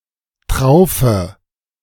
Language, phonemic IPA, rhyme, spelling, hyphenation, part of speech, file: German, /ˈtʁaʊ̯fə/, -aʊ̯fə, Traufe, Trau‧fe, noun, De-Traufe.ogg
- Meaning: 1. eaves 2. combined baptism and wedding ceremony